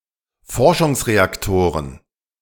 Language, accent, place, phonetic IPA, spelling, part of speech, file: German, Germany, Berlin, [ˈfɔʁʃʊŋsʁeakˌtoːʁən], Forschungsreaktoren, noun, De-Forschungsreaktoren.ogg
- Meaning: plural of Forschungsreaktor